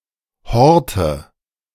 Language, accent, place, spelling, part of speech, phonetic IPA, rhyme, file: German, Germany, Berlin, Horte, noun, [ˈhɔʁtə], -ɔʁtə, De-Horte.ogg
- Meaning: nominative/accusative/genitive plural of Hort